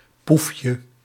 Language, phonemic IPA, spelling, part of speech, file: Dutch, /ˈpufjə/, poefje, noun, Nl-poefje.ogg
- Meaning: diminutive of poef